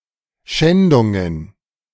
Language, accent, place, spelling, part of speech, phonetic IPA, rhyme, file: German, Germany, Berlin, Schändungen, noun, [ˈʃɛndʊŋən], -ɛndʊŋən, De-Schändungen.ogg
- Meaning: plural of Schändung